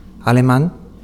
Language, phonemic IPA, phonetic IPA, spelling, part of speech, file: Basque, /aleman/, [a.le̞.mãn], aleman, adjective / noun, Eus-aleman.ogg
- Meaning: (adjective) German; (noun) 1. A German person (man or woman) 2. The German language